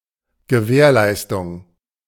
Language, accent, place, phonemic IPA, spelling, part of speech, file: German, Germany, Berlin, /ɡəˈvɛːʁˌlaɪ̯stʊŋ/, Gewährleistung, noun, De-Gewährleistung.ogg
- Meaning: guarantee